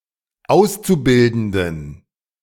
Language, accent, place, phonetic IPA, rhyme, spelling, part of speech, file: German, Germany, Berlin, [ˈaʊ̯st͡suˌbɪldn̩dən], -aʊ̯st͡subɪldn̩dən, Auszubildenden, noun, De-Auszubildenden.ogg
- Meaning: genitive singular of Auszubildender